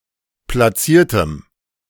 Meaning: strong dative masculine/neuter singular of platziert
- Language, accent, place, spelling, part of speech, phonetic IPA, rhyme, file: German, Germany, Berlin, platziertem, adjective, [plaˈt͡siːɐ̯təm], -iːɐ̯təm, De-platziertem.ogg